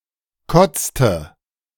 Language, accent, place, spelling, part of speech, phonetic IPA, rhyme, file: German, Germany, Berlin, kotzte, verb, [ˈkɔt͡stə], -ɔt͡stə, De-kotzte.ogg
- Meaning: inflection of kotzen: 1. first/third-person singular preterite 2. first/third-person singular subjunctive II